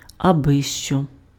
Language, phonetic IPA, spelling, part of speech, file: Ukrainian, [ɐˈbɪʃt͡ʃɔ], абищо, pronoun / noun, Uk-абищо.ogg
- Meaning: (pronoun) anything; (noun) 1. trifle 2. nonsense 3. a worthless person